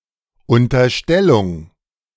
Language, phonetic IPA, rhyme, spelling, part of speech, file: German, [ʊntɐˈʃtɛlʊŋ], -ɛlʊŋ, Unterstellung, noun, De-Unterstellung.ogg
- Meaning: 1. subordination 2. assumption, presumption, imputation, insinuation